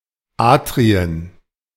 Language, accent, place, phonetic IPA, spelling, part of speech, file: German, Germany, Berlin, [ˈaːtʁiən], Atrien, noun, De-Atrien.ogg
- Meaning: plural of Atrium